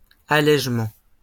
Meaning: lightening (making lighter)
- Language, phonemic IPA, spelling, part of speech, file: French, /a.lɛʒ.mɑ̃/, allégement, noun, LL-Q150 (fra)-allégement.wav